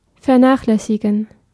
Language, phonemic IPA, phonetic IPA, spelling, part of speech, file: German, /fɛʁˈnaːχlɛsiɡən/, [fɛɐ̯ˈnaːχlɛsiɡŋ̍], vernachlässigen, verb, De-vernachlässigen.ogg
- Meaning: to neglect